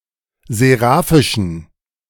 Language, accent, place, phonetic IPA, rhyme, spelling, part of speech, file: German, Germany, Berlin, [zeˈʁaːfɪʃn̩], -aːfɪʃn̩, seraphischen, adjective, De-seraphischen.ogg
- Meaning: inflection of seraphisch: 1. strong genitive masculine/neuter singular 2. weak/mixed genitive/dative all-gender singular 3. strong/weak/mixed accusative masculine singular 4. strong dative plural